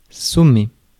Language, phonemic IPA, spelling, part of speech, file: French, /sɔ.me/, sommer, verb, Fr-sommer.ogg
- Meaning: 1. to sum up 2. to summon, to call